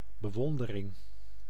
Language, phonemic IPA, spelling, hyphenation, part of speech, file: Dutch, /bəˈʋɔn.də.rɪŋ/, bewondering, be‧won‧de‧ring, noun, Nl-bewondering.ogg
- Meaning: admiration